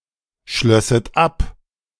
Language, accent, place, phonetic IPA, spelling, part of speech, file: German, Germany, Berlin, [ˌʃlœsət ˈap], schlösset ab, verb, De-schlösset ab.ogg
- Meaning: second-person plural subjunctive II of abschließen